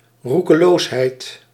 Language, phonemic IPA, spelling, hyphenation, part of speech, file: Dutch, /ˌru.kəˈloːs.ɦɛi̯t/, roekeloosheid, roe‧ke‧loos‧heid, noun, Nl-roekeloosheid.ogg
- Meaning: recklessness